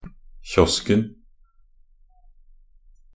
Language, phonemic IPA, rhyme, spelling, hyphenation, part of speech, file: Norwegian Bokmål, /ˈçɔskn̩/, -ɔskn̩, kiosken, kios‧ken, noun, Nb-kiosken.ogg
- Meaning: definite singular of kiosk